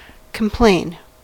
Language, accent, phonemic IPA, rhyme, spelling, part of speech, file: English, US, /kəmˈpleɪn/, -eɪn, complain, verb, En-us-complain.ogg
- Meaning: 1. To express feelings of pain, dissatisfaction, or resentment 2. To state the presence of something negative; to indicate that one is suffering from something; to report (e.g.) a symptom